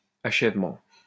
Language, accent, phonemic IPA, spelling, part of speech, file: French, France, /a.ʃɛv.mɑ̃/, achèvement, noun, LL-Q150 (fra)-achèvement.wav
- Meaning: completion, conclusion, finish